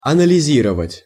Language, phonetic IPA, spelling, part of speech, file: Russian, [ɐnəlʲɪˈzʲirəvətʲ], анализировать, verb, Ru-анализировать.ogg
- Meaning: to analyse